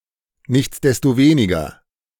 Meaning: nonetheless
- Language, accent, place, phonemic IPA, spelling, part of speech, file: German, Germany, Berlin, /ˌnɪçtsdɛstoˈveːnɪɡɐ/, nichtsdestoweniger, adverb, De-nichtsdestoweniger.ogg